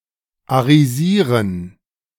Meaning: 1. to Aryanize 2. to confiscate Jewish property and make it the property of a German
- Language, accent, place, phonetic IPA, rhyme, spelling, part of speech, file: German, Germany, Berlin, [aʁiˈziːʁən], -iːʁən, arisieren, verb, De-arisieren.ogg